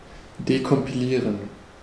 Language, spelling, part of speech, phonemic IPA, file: German, dekompilieren, verb, /dekɔmpiˈliːʁən/, De-dekompilieren.ogg
- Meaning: to decompile (to recreate the original source code)